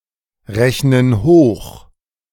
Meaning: inflection of hochrechnen: 1. first/third-person plural present 2. first/third-person plural subjunctive I
- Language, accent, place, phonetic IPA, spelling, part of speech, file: German, Germany, Berlin, [ˌʁɛçnən ˈhoːx], rechnen hoch, verb, De-rechnen hoch.ogg